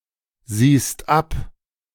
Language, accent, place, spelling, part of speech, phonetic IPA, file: German, Germany, Berlin, siehst ab, verb, [ˌziːst ˈap], De-siehst ab.ogg
- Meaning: second-person singular present of absehen